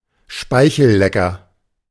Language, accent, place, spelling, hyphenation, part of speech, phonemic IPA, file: German, Germany, Berlin, Speichellecker, Spei‧chel‧le‧cker, noun, /ˈʃpaɪ̯çl̩ˌlɛkɐ/, De-Speichellecker.ogg
- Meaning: lickspittle, sycophant (stronger: arse-licker)